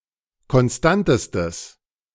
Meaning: strong/mixed nominative/accusative neuter singular superlative degree of konstant
- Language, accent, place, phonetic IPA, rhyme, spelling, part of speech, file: German, Germany, Berlin, [kɔnˈstantəstəs], -antəstəs, konstantestes, adjective, De-konstantestes.ogg